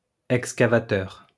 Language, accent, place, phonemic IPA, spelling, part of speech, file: French, France, Lyon, /ɛk.ska.va.tœʁ/, excavateur, noun, LL-Q150 (fra)-excavateur.wav
- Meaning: excavator (vehicle, often on tracks, used to dig ditches etc; a backhoe)